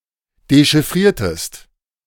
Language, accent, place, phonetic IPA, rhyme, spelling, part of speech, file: German, Germany, Berlin, [deʃɪˈfʁiːɐ̯təst], -iːɐ̯təst, dechiffriertest, verb, De-dechiffriertest.ogg
- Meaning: inflection of dechiffrieren: 1. second-person singular preterite 2. second-person singular subjunctive II